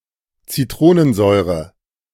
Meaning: citric acid
- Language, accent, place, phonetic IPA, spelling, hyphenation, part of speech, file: German, Germany, Berlin, [t͡siˈtʁoːnənˌzɔɪ̯ʁə], Zitronensäure, Zitro‧nen‧säu‧re, noun, De-Zitronensäure.ogg